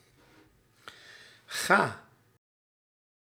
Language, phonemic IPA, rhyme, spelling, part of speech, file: Dutch, /ɣaː/, -aː, ga, verb, Nl-ga.ogg
- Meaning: inflection of gaan: 1. first-person singular present indicative 2. second-person singular present indicative 3. imperative 4. singular present subjunctive